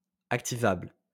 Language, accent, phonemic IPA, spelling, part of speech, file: French, France, /ak.ti.vabl/, activable, adjective, LL-Q150 (fra)-activable.wav
- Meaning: activable